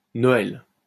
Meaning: 1. A Christmas gift 2. A Christmas song 3. The melody of a Christmas song
- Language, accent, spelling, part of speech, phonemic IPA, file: French, France, noël, noun, /nɔ.ɛl/, LL-Q150 (fra)-noël.wav